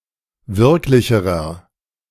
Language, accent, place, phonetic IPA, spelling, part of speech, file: German, Germany, Berlin, [ˈvɪʁklɪçəʁɐ], wirklicherer, adjective, De-wirklicherer.ogg
- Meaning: inflection of wirklich: 1. strong/mixed nominative masculine singular comparative degree 2. strong genitive/dative feminine singular comparative degree 3. strong genitive plural comparative degree